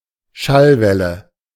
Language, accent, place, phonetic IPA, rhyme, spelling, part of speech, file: German, Germany, Berlin, [ˈʃalˌvɛlə], -alvɛlə, Schallwelle, noun, De-Schallwelle.ogg
- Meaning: sound wave